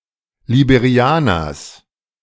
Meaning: genitive of Liberianer
- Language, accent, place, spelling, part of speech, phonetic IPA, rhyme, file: German, Germany, Berlin, Liberianers, noun, [libeˈʁi̯aːnɐs], -aːnɐs, De-Liberianers.ogg